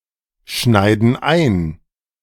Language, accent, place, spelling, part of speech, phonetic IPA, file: German, Germany, Berlin, schneiden ein, verb, [ˌʃnaɪ̯dn̩ ˈaɪ̯n], De-schneiden ein.ogg
- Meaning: inflection of einschneiden: 1. first/third-person plural present 2. first/third-person plural subjunctive I